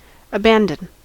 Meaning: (verb) To give up or relinquish control of, to surrender or to give oneself over, or to yield to one's emotions
- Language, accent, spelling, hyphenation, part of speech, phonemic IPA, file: English, US, abandon, aban‧don, verb / noun, /əˈbæn.dən/, En-us-abandon.ogg